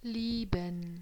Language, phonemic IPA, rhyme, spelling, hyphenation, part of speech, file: German, /ˈliːbən/, -iːbən, lieben, lie‧ben, verb, De-lieben.ogg
- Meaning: 1. to love, to have a strong affection for (someone or something) 2. to love one another 3. to make love, to have sex